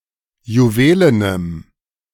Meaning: strong dative masculine/neuter singular of juwelen
- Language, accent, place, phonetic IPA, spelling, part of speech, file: German, Germany, Berlin, [juˈveːlənəm], juwelenem, adjective, De-juwelenem.ogg